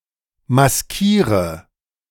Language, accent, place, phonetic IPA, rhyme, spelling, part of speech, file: German, Germany, Berlin, [masˈkiːʁə], -iːʁə, maskiere, verb, De-maskiere.ogg
- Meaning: inflection of maskieren: 1. first-person singular present 2. first/third-person singular subjunctive I 3. singular imperative